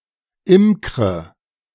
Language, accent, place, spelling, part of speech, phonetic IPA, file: German, Germany, Berlin, imkre, verb, [ˈɪmkʁə], De-imkre.ogg
- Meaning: inflection of imkern: 1. first-person singular present 2. first/third-person singular subjunctive I 3. singular imperative